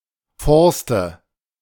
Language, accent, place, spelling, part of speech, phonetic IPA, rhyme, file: German, Germany, Berlin, Forste, noun, [ˈfɔʁstə], -ɔʁstə, De-Forste.ogg
- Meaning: nominative/accusative/genitive plural of Forst